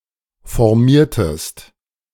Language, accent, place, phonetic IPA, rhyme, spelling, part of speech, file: German, Germany, Berlin, [fɔʁˈmiːɐ̯təst], -iːɐ̯təst, formiertest, verb, De-formiertest.ogg
- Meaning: inflection of formieren: 1. second-person singular preterite 2. second-person singular subjunctive II